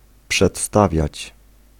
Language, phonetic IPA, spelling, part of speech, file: Polish, [pʃɛtˈstavʲjät͡ɕ], przedstawiać, verb, Pl-przedstawiać.ogg